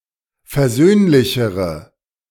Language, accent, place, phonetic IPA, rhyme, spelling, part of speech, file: German, Germany, Berlin, [fɛɐ̯ˈzøːnlɪçəʁə], -øːnlɪçəʁə, versöhnlichere, adjective, De-versöhnlichere.ogg
- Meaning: inflection of versöhnlich: 1. strong/mixed nominative/accusative feminine singular comparative degree 2. strong nominative/accusative plural comparative degree